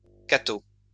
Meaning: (noun) 1. Catholic, often one who is overly pontifical 2. abbreviation for Institut Catholique de Paris; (adjective) Catholic
- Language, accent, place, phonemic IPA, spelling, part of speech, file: French, France, Lyon, /ka.to/, catho, noun / adjective, LL-Q150 (fra)-catho.wav